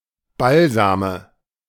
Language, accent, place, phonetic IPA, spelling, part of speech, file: German, Germany, Berlin, [ˈbalzaːmə], Balsame, noun, De-Balsame.ogg
- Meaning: nominative/accusative/genitive plural of Balsam